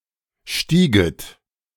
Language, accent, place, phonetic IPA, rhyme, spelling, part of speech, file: German, Germany, Berlin, [ˈʃtiːɡət], -iːɡət, stieget, verb, De-stieget.ogg
- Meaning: second-person plural subjunctive II of steigen